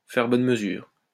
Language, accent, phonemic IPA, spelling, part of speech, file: French, France, /fɛʁ bɔn mə.zyʁ/, faire bonne mesure, verb, LL-Q150 (fra)-faire bonne mesure.wav
- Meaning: to be generous; to do more than necessary